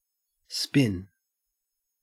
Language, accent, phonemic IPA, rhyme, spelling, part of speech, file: English, Australia, /spɪn/, -ɪn, spin, verb / noun, En-au-spin.ogg
- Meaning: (verb) To rotate, revolve, gyrate (usually quickly); to partially or completely rotate to face another direction